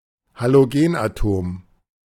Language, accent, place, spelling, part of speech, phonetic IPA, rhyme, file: German, Germany, Berlin, Halogenatom, noun, [haloˈɡeːnʔaˌtoːm], -eːnʔatoːm, De-Halogenatom.ogg
- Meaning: halogen atom